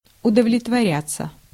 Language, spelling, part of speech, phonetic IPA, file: Russian, удовлетворяться, verb, [ʊdəvlʲɪtvɐˈrʲat͡sːə], Ru-удовлетворяться.ogg
- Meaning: 1. to content oneself (with) 2. passive of удовлетворя́ть (udovletvorjátʹ)